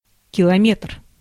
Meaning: kilometer/kilometre (SI unit of measure)
- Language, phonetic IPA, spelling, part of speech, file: Russian, [kʲɪɫɐˈmʲet(ə)r], километр, noun, Ru-километр.ogg